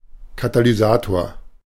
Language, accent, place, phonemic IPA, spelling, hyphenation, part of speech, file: German, Germany, Berlin, /katalyˈzaːtoɐ̯/, Katalysator, Ka‧ta‧ly‧sa‧tor, noun, De-Katalysator.ogg
- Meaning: 1. catalyst (substance which increases the rate of a chemical reaction without being consumed in the process) 2. catalyst, catalytic converter 3. catalyst